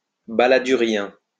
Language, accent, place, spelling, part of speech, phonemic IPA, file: French, France, Lyon, balladurien, adjective, /ba.la.dy.ʁjɛ̃/, LL-Q150 (fra)-balladurien.wav
- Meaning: Relating to French politician Édouard Balladur